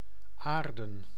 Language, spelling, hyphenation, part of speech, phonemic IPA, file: Dutch, aarden, aar‧den, adjective / verb / noun, /ˈaːrdə(n)/, Nl-aarden.ogg
- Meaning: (adjective) 1. earthen, made of soil 2. clay - etc., made of pottery made from soil; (verb) 1. to ground, connect an electrical conductor as a safety outlet 2. to commit to the earth, bury